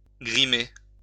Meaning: 1. to make up, to paint (apply make up or face paint to) 2. to make (someone's face) look older
- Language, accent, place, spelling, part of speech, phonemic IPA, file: French, France, Lyon, grimer, verb, /ɡʁi.me/, LL-Q150 (fra)-grimer.wav